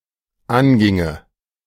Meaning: first/third-person singular dependent subjunctive II of angehen
- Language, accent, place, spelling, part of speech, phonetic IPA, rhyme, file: German, Germany, Berlin, anginge, verb, [ˈanˌɡɪŋə], -anɡɪŋə, De-anginge.ogg